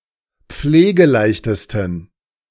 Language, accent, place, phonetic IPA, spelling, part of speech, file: German, Germany, Berlin, [ˈp͡fleːɡəˌlaɪ̯çtəstn̩], pflegeleichtesten, adjective, De-pflegeleichtesten.ogg
- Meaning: 1. superlative degree of pflegeleicht 2. inflection of pflegeleicht: strong genitive masculine/neuter singular superlative degree